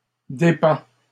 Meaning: inflection of dépendre: 1. first/second-person singular present indicative 2. second-person singular imperative
- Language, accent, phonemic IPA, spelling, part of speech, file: French, Canada, /de.pɑ̃/, dépends, verb, LL-Q150 (fra)-dépends.wav